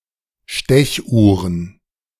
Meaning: plural of Stechuhr
- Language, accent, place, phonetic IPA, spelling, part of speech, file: German, Germany, Berlin, [ˈʃtɛçˌʔuːʁən], Stechuhren, noun, De-Stechuhren.ogg